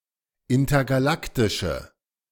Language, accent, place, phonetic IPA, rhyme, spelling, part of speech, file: German, Germany, Berlin, [ˌɪntɐɡaˈlaktɪʃə], -aktɪʃə, intergalaktische, adjective, De-intergalaktische.ogg
- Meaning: inflection of intergalaktisch: 1. strong/mixed nominative/accusative feminine singular 2. strong nominative/accusative plural 3. weak nominative all-gender singular